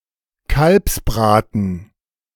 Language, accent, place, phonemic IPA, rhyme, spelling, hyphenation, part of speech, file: German, Germany, Berlin, /ˈkalpsˌbʁaːtn̩/, -aːtn̩, Kalbsbraten, Kalbs‧bra‧ten, noun, De-Kalbsbraten.ogg
- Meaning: veal roast, roast veal